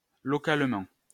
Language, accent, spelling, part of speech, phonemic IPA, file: French, France, localement, adverb, /lɔ.kal.mɑ̃/, LL-Q150 (fra)-localement.wav
- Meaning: locally (with respect to location)